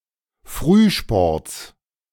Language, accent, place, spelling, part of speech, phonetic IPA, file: German, Germany, Berlin, Frühsports, noun, [ˈfʁyːˌʃpɔʁt͡s], De-Frühsports.ogg
- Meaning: genitive of Frühsport